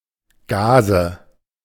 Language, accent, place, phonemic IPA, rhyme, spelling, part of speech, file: German, Germany, Berlin, /ˈɡaːzə/, -aːzə, Gaze, noun, De-Gaze.ogg
- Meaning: gauze